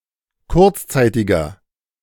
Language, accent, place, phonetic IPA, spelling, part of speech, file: German, Germany, Berlin, [ˈkʊʁt͡sˌt͡saɪ̯tɪɡɐ], kurzzeitiger, adjective, De-kurzzeitiger.ogg
- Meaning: inflection of kurzzeitig: 1. strong/mixed nominative masculine singular 2. strong genitive/dative feminine singular 3. strong genitive plural